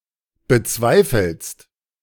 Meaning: second-person singular present of bezweifeln
- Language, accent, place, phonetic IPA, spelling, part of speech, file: German, Germany, Berlin, [bəˈt͡svaɪ̯fl̩st], bezweifelst, verb, De-bezweifelst.ogg